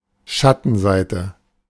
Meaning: 1. dark side; underbelly 2. downside; drawback 3. shady side
- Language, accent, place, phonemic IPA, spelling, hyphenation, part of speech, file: German, Germany, Berlin, /ˈʃatənzaɪ̯tə/, Schattenseite, Schat‧ten‧sei‧te, noun, De-Schattenseite.ogg